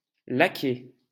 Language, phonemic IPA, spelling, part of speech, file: French, /la.kɛ/, laquais, noun, LL-Q150 (fra)-laquais.wav
- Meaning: 1. footman, lackey, liveried servant 2. flunky, stooge